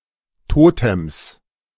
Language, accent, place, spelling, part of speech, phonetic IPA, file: German, Germany, Berlin, Totems, noun, [ˈtoːtɛms], De-Totems.ogg
- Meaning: 1. genitive singular of Totem 2. plural of Totem